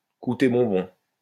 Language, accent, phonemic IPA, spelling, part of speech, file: French, France, /ku.te bɔ̃.bɔ̃/, coûter bonbon, verb, LL-Q150 (fra)-coûter bonbon.wav
- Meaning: to be expensive, to cost an arm and a leg